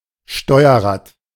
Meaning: steering wheel
- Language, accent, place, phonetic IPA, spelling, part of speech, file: German, Germany, Berlin, [ˈʃtɔɪ̯ɐˌʁaːt], Steuerrad, noun, De-Steuerrad.ogg